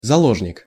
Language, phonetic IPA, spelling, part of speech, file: Russian, [zɐˈɫoʐnʲɪk], заложник, noun, Ru-заложник.ogg
- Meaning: hostage